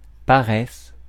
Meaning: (noun) laziness; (verb) inflection of paresser: 1. first/third-person singular present indicative/subjunctive 2. second-person singular imperative
- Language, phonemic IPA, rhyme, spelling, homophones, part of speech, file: French, /pa.ʁɛs/, -ɛs, paresse, paraisse / paraissent / paraisses / paressent / paresses, noun / verb, Fr-paresse.ogg